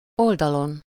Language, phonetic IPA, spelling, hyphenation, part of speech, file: Hungarian, [ˈoldɒlon], oldalon, ol‧da‧lon, noun, Hu-oldalon.ogg
- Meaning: superessive singular of oldal